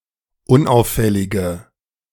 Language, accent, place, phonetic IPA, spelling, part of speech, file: German, Germany, Berlin, [ˈʊnˌʔaʊ̯fɛlɪɡə], unauffällige, adjective, De-unauffällige.ogg
- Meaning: inflection of unauffällig: 1. strong/mixed nominative/accusative feminine singular 2. strong nominative/accusative plural 3. weak nominative all-gender singular